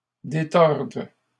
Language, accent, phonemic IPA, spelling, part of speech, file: French, Canada, /de.tɔʁd/, détordent, verb, LL-Q150 (fra)-détordent.wav
- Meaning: third-person plural present indicative/subjunctive of détordre